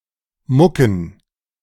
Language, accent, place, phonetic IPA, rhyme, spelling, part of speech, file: German, Germany, Berlin, [ˈmʊkn̩], -ʊkn̩, Mucken, noun, De-Mucken.ogg
- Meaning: plural of Mucke